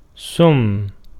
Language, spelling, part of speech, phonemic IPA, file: Arabic, سم, verb, /sam.ma/, Ar-سم.ogg
- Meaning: to poison (someone, something)